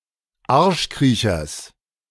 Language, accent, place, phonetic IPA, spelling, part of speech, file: German, Germany, Berlin, [ˈaʁʃˌkʁiːçɐs], Arschkriechers, noun, De-Arschkriechers.ogg
- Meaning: genitive singular of Arschkriecher